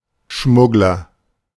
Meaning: smuggler
- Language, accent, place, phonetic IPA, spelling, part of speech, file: German, Germany, Berlin, [ˈʃmʊɡlɐ], Schmuggler, noun, De-Schmuggler.ogg